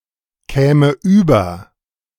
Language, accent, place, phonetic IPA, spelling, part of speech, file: German, Germany, Berlin, [ˌkɛːmə ˈyːbɐ], käme über, verb, De-käme über.ogg
- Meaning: first/third-person singular subjunctive II of überkommen